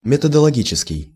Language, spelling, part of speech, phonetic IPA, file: Russian, методологический, adjective, [mʲɪtədəɫɐˈɡʲit͡ɕɪskʲɪj], Ru-методологический.ogg
- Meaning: methodological